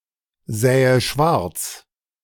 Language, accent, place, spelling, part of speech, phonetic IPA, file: German, Germany, Berlin, sähe schwarz, verb, [ˌzɛːə ˈʃvaʁt͡s], De-sähe schwarz.ogg
- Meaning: first/third-person singular subjunctive II of schwarzsehen